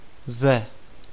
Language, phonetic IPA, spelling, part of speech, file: Czech, [ˈzɛ], ze, preposition, Cs-ze.ogg
- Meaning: alternative form of z (“from, out of”)